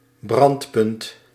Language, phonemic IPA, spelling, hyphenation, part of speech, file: Dutch, /ˈbrɑnt.pʏnt/, brandpunt, brand‧punt, noun, Nl-brandpunt.ogg
- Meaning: 1. focus – of a lens 2. focus – of an ellipse